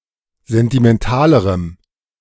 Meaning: strong dative masculine/neuter singular comparative degree of sentimental
- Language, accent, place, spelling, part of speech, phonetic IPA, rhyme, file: German, Germany, Berlin, sentimentalerem, adjective, [ˌzɛntimɛnˈtaːləʁəm], -aːləʁəm, De-sentimentalerem.ogg